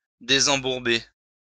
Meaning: 1. to draw out of the mire 2. to get out of the mire
- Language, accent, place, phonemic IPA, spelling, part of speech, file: French, France, Lyon, /de.zɑ̃.buʁ.be/, désembourber, verb, LL-Q150 (fra)-désembourber.wav